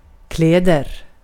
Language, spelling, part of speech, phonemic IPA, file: Swedish, kläder, noun / verb, /ˈklɛːdɛr/, Sv-kläder.ogg
- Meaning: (noun) clothes, garments, items of clothing; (verb) present indicative of kläda